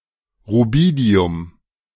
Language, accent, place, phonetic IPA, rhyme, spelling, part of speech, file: German, Germany, Berlin, [ʁuˈbiːdi̯ʊm], -iːdi̯ʊm, Rubidium, noun, De-Rubidium.ogg
- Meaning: rubidium